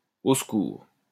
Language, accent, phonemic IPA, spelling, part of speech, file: French, France, /o s(ə).kuʁ/, au secours, interjection, LL-Q150 (fra)-au secours.wav
- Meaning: help! (a cry of distress)